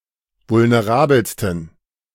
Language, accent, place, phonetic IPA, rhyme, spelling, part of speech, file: German, Germany, Berlin, [vʊlneˈʁaːbl̩stn̩], -aːbl̩stn̩, vulnerabelsten, adjective, De-vulnerabelsten.ogg
- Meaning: 1. superlative degree of vulnerabel 2. inflection of vulnerabel: strong genitive masculine/neuter singular superlative degree